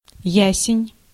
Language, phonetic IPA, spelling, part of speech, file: Russian, [ˈjæsʲɪnʲ], ясень, noun, Ru-ясень.ogg
- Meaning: ash (tree or wood)